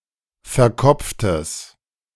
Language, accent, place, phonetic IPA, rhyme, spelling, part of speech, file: German, Germany, Berlin, [fɛɐ̯ˈkɔp͡ftəs], -ɔp͡ftəs, verkopftes, adjective, De-verkopftes.ogg
- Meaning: strong/mixed nominative/accusative neuter singular of verkopft